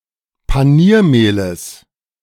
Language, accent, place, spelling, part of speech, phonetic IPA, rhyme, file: German, Germany, Berlin, Paniermehles, noun, [paˈniːɐ̯ˌmeːləs], -iːɐ̯meːləs, De-Paniermehles.ogg
- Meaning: genitive singular of Paniermehl